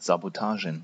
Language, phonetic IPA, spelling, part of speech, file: German, [ˌzaboˈtaːʒən], Sabotagen, noun, De-Sabotagen.ogg
- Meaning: plural of Sabotage